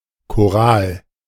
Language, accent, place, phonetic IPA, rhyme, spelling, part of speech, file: German, Germany, Berlin, [koˈʁaːl], -aːl, Choral, noun, De-Choral.ogg
- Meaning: chorale